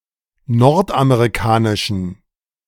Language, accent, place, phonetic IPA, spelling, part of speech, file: German, Germany, Berlin, [ˈnɔʁtʔameʁiˌkaːnɪʃn̩], nordamerikanischen, adjective, De-nordamerikanischen.ogg
- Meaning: inflection of nordamerikanisch: 1. strong genitive masculine/neuter singular 2. weak/mixed genitive/dative all-gender singular 3. strong/weak/mixed accusative masculine singular